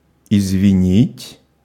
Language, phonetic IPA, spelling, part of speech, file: Russian, [ɪzvʲɪˈnʲitʲ], извинить, verb, Ru-извинить.ogg
- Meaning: to excuse, to pardon, to forgive